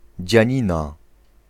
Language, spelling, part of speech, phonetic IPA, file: Polish, dzianina, noun, [d͡ʑä̃ˈɲĩna], Pl-dzianina.ogg